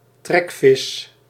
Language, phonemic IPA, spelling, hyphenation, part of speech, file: Dutch, /ˈtrɛk.fɪs/, trekvis, trek‧vis, noun, Nl-trekvis.ogg
- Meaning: migratory fish